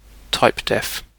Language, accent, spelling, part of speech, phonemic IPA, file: English, UK, typedef, noun, /ˈtaɪ̯pdɛf/, En-uk-typedef.ogg
- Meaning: 1. A statement that declares a name for a data type 2. A name that has been declared by such a statement